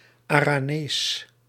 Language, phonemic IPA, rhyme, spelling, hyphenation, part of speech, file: Dutch, /ˌaː.raːˈneːs/, -eːs, Aranees, Ara‧nees, adjective / proper noun, Nl-Aranees.ogg
- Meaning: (adjective) Aranese; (proper noun) Aranese (Gascon dialect spoken in Spain)